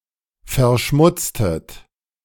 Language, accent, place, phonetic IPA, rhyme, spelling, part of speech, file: German, Germany, Berlin, [fɛɐ̯ˈʃmʊt͡stət], -ʊt͡stət, verschmutztet, verb, De-verschmutztet.ogg
- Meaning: inflection of verschmutzen: 1. second-person plural preterite 2. second-person plural subjunctive II